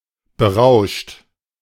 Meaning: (verb) past participle of berauschen; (adjective) intoxicated; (verb) inflection of berauschen: 1. third-person singular present 2. second-person plural present 3. plural imperative
- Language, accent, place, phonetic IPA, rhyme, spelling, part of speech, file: German, Germany, Berlin, [bəˈʁaʊ̯ʃt], -aʊ̯ʃt, berauscht, verb, De-berauscht.ogg